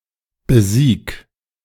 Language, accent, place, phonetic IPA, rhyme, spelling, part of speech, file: German, Germany, Berlin, [bəˈziːk], -iːk, besieg, verb, De-besieg.ogg
- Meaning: 1. singular imperative of besiegen 2. first-person singular present of besiegen